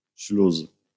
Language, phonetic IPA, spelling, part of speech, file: Polish, [ɕlus], śluz, noun, LL-Q809 (pol)-śluz.wav